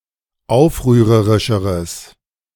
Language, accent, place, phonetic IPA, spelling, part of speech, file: German, Germany, Berlin, [ˈaʊ̯fʁyːʁəʁɪʃəʁəs], aufrührerischeres, adjective, De-aufrührerischeres.ogg
- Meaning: strong/mixed nominative/accusative neuter singular comparative degree of aufrührerisch